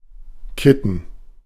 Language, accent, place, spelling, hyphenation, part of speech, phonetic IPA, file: German, Germany, Berlin, kitten, kit‧ten, verb, [ˈkɪtn̩], De-kitten.ogg
- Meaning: to putty, to cement